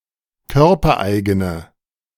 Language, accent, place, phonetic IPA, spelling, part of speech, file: German, Germany, Berlin, [ˈkœʁpɐˌʔaɪ̯ɡənə], körpereigene, adjective, De-körpereigene.ogg
- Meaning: inflection of körpereigen: 1. strong/mixed nominative/accusative feminine singular 2. strong nominative/accusative plural 3. weak nominative all-gender singular